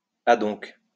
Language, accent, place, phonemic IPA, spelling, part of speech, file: French, France, Lyon, /a.dɔ̃k/, adonc, adverb, LL-Q150 (fra)-adonc.wav
- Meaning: so; thus